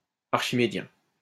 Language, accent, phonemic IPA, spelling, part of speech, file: French, France, /aʁ.ʃi.me.djɛ̃/, archimédien, adjective, LL-Q150 (fra)-archimédien.wav
- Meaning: archimedean